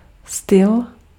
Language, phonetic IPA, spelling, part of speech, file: Czech, [ˈstɪl], styl, noun, Cs-styl.ogg
- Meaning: style